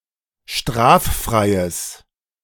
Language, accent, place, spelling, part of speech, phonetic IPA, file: German, Germany, Berlin, straffreies, adjective, [ˈʃtʁaːfˌfʁaɪ̯əs], De-straffreies.ogg
- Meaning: strong/mixed nominative/accusative neuter singular of straffrei